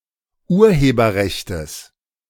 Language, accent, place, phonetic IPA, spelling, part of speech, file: German, Germany, Berlin, [ˈuːɐ̯heːbɐˌʁɛçtəs], Urheberrechtes, noun, De-Urheberrechtes.ogg
- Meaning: genitive singular of Urheberrecht